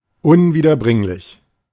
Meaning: irretrievable, unrecoverable
- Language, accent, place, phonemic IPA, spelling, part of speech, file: German, Germany, Berlin, /ʊnviːdɐˈbʁɪŋlɪç/, unwiederbringlich, adjective, De-unwiederbringlich.ogg